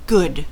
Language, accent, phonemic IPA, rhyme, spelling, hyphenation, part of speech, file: English, General American, /ɡʊd/, -ʊd, good, good, adjective / interjection / adverb / noun / verb, En-us-good.ogg
- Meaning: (adjective) Of a person or an animal: 1. Acting in the interest of what is beneficial, ethical, or moral 2. Competent or talented